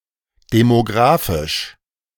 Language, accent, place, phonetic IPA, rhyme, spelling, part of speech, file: German, Germany, Berlin, [demoˈɡʁaːfɪʃ], -aːfɪʃ, demografisch, adjective, De-demografisch.ogg
- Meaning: alternative form of demographisch